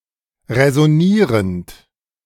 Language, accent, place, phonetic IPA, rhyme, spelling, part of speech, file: German, Germany, Berlin, [ʁɛzɔˈniːʁənt], -iːʁənt, räsonierend, verb, De-räsonierend.ogg
- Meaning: present participle of räsonieren